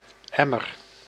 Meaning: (noun) 1. bucket (container) 2. emmer (Triticum dicoccon); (verb) inflection of emmeren: 1. first-person singular present indicative 2. second-person singular present indicative 3. imperative
- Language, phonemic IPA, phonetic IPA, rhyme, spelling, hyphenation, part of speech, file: Dutch, /ˈɛ.mər/, [ˈɛ.mər], -ɛmər, emmer, em‧mer, noun / verb, Nl-emmer.ogg